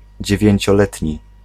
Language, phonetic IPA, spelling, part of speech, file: Polish, [ˌd͡ʑɛvʲjɛ̇̃ɲt͡ɕɔˈlɛtʲɲi], dziewięcioletni, adjective, Pl-dziewięcioletni.ogg